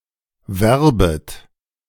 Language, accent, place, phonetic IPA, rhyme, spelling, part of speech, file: German, Germany, Berlin, [ˈvɛʁbət], -ɛʁbət, werbet, verb, De-werbet.ogg
- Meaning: second-person plural subjunctive I of werben